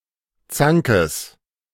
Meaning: genitive singular of Zank
- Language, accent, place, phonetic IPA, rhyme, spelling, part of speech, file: German, Germany, Berlin, [ˈt͡saŋkəs], -aŋkəs, Zankes, noun, De-Zankes.ogg